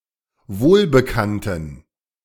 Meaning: inflection of wohlbekannt: 1. strong genitive masculine/neuter singular 2. weak/mixed genitive/dative all-gender singular 3. strong/weak/mixed accusative masculine singular 4. strong dative plural
- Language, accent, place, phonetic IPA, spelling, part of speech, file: German, Germany, Berlin, [ˈvoːlbəˌkantn̩], wohlbekannten, adjective, De-wohlbekannten.ogg